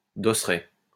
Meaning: dosseret
- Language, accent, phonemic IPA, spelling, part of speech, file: French, France, /do.sʁɛ/, dosseret, noun, LL-Q150 (fra)-dosseret.wav